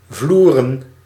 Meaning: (noun) plural of vloer; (verb) 1. to deck, (throw against the) floor 2. to floor, defeat totally, eliminate 3. to (lay a) floor (in ...), cover with flooring
- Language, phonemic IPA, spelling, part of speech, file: Dutch, /ˈvlurə(n)/, vloeren, noun / verb, Nl-vloeren.ogg